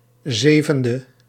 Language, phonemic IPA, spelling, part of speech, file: Dutch, /ˈzevə(n)də/, 7e, adjective, Nl-7e.ogg
- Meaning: abbreviation of zevende (“seventh”); 7th